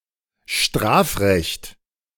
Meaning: criminal law
- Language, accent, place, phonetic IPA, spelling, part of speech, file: German, Germany, Berlin, [ˈʃtʁaːfˌʁɛçt], Strafrecht, noun, De-Strafrecht.ogg